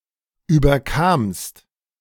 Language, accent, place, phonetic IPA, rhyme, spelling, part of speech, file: German, Germany, Berlin, [ˌyːbɐˈkaːmst], -aːmst, überkamst, verb, De-überkamst.ogg
- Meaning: second-person singular preterite of überkommen